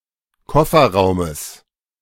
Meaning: genitive singular of Kofferraum
- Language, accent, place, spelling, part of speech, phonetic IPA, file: German, Germany, Berlin, Kofferraumes, noun, [ˈkɔfɐˌʁaʊ̯məs], De-Kofferraumes.ogg